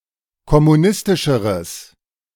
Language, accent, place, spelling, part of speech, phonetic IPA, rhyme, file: German, Germany, Berlin, kommunistischeres, adjective, [kɔmuˈnɪstɪʃəʁəs], -ɪstɪʃəʁəs, De-kommunistischeres.ogg
- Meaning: strong/mixed nominative/accusative neuter singular comparative degree of kommunistisch